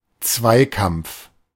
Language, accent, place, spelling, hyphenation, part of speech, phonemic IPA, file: German, Germany, Berlin, Zweikampf, Zwei‧kampf, noun, /ˈt͡svaɪ̯ˌkamp͡f/, De-Zweikampf.ogg
- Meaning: 1. duel (combat between two persons) 2. biathlon